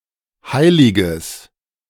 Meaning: strong/mixed nominative/accusative neuter singular of heilig
- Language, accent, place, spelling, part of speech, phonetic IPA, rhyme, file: German, Germany, Berlin, heiliges, adjective, [ˈhaɪ̯lɪɡəs], -aɪ̯lɪɡəs, De-heiliges.ogg